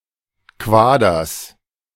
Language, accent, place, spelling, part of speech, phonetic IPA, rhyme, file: German, Germany, Berlin, Quaders, noun, [ˈkvaːdɐs], -aːdɐs, De-Quaders.ogg
- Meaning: genitive of Quader